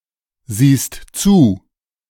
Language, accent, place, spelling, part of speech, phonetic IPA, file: German, Germany, Berlin, siehst zu, verb, [ˌziːst ˈt͡suː], De-siehst zu.ogg
- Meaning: second-person singular present of zusehen